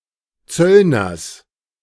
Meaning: genitive singular of Zöllner
- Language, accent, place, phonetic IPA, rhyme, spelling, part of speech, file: German, Germany, Berlin, [ˈt͡sœlnɐs], -œlnɐs, Zöllners, noun, De-Zöllners.ogg